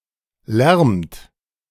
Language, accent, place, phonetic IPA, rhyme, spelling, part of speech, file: German, Germany, Berlin, [lɛʁmt], -ɛʁmt, lärmt, verb, De-lärmt.ogg
- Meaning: inflection of lärmen: 1. second-person plural present 2. third-person singular present 3. plural imperative